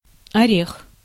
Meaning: 1. nut (tree; seed) 2. walnut wood 3. nut coal; chestnut coal 4. cocaine 5. ass, booty (buttocks, typically female)
- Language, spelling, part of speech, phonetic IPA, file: Russian, орех, noun, [ɐˈrʲex], Ru-орех.ogg